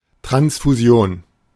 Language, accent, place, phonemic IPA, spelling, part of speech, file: German, Germany, Berlin, /tʁansfuˈzi̯oːn/, Transfusion, noun, De-Transfusion.ogg
- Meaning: 1. The transfer of blood or blood products from one individual to another 2. The act of pouring liquid from one vessel to another